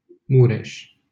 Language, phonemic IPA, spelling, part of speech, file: Romanian, /ˈmureʃ/, Mureș, proper noun, LL-Q7913 (ron)-Mureș.wav
- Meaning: 1. Mureș (river) 2. a county of Mureș County, Romania